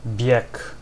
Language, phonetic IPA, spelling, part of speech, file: Polish, [bʲjɛk], bieg, noun, Pl-bieg.ogg